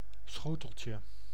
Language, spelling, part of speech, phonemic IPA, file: Dutch, schoteltje, noun, /ˈsxotəlcə/, Nl-schoteltje.ogg
- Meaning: diminutive of schotel